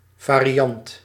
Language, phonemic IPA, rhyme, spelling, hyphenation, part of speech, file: Dutch, /ˌvaː.riˈɑnt/, -ɑnt, variant, va‧ri‧ant, noun, Nl-variant.ogg
- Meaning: a variant